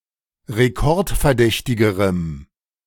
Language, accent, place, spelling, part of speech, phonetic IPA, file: German, Germany, Berlin, rekordverdächtigerem, adjective, [ʁeˈkɔʁtfɛɐ̯ˌdɛçtɪɡəʁəm], De-rekordverdächtigerem.ogg
- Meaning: strong dative masculine/neuter singular comparative degree of rekordverdächtig